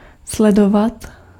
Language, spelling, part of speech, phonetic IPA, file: Czech, sledovat, verb, [ˈslɛdovat], Cs-sledovat.ogg
- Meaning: 1. to follow 2. to tail, to track 3. to watch (object or event that changes state)